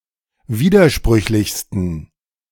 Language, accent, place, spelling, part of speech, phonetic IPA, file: German, Germany, Berlin, widersprüchlichsten, adjective, [ˈviːdɐˌʃpʁʏçlɪçstn̩], De-widersprüchlichsten.ogg
- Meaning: 1. superlative degree of widersprüchlich 2. inflection of widersprüchlich: strong genitive masculine/neuter singular superlative degree